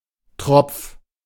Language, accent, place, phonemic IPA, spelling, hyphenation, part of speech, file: German, Germany, Berlin, /tʁɔp͡f/, Tropf, Tropf, noun, De-Tropf.ogg
- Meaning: 1. drip (e.g. connected to an IV) 2. poor sap, poor sod